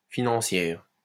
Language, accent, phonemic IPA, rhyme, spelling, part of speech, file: French, France, /fi.nɑ̃.sjɛʁ/, -ɛʁ, financière, adjective / noun, LL-Q150 (fra)-financière.wav
- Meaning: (adjective) feminine singular of financier; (noun) female equivalent of financier